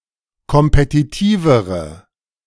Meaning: inflection of kompetitiv: 1. strong/mixed nominative/accusative feminine singular comparative degree 2. strong nominative/accusative plural comparative degree
- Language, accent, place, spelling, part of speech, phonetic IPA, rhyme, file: German, Germany, Berlin, kompetitivere, adjective, [kɔmpetiˈtiːvəʁə], -iːvəʁə, De-kompetitivere.ogg